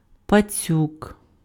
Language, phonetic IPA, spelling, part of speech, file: Ukrainian, [pɐˈt͡sʲuk], пацюк, noun, Uk-пацюк.ogg
- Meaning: 1. rat 2. a (scaredy) person known for betrayal; rat 3. piglet 4. a fat person